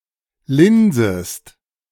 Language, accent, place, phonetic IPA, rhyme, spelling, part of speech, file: German, Germany, Berlin, [ˈlɪnzəst], -ɪnzəst, linsest, verb, De-linsest.ogg
- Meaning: second-person singular subjunctive I of linsen